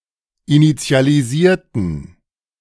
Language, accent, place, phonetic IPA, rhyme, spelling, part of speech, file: German, Germany, Berlin, [init͡si̯aliˈziːɐ̯tn̩], -iːɐ̯tn̩, initialisierten, adjective / verb, De-initialisierten.ogg
- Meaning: inflection of initialisieren: 1. first/third-person plural preterite 2. first/third-person plural subjunctive II